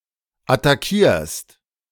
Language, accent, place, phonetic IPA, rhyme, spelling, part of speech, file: German, Germany, Berlin, [ataˈkiːɐ̯st], -iːɐ̯st, attackierst, verb, De-attackierst.ogg
- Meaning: second-person singular present of attackieren